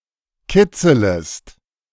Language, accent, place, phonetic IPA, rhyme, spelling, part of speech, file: German, Germany, Berlin, [ˈkɪt͡sələst], -ɪt͡sələst, kitzelest, verb, De-kitzelest.ogg
- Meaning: second-person singular subjunctive I of kitzeln